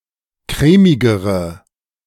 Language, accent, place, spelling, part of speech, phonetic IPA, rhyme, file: German, Germany, Berlin, crèmigere, adjective, [ˈkʁɛːmɪɡəʁə], -ɛːmɪɡəʁə, De-crèmigere.ogg
- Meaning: inflection of crèmig: 1. strong/mixed nominative/accusative feminine singular comparative degree 2. strong nominative/accusative plural comparative degree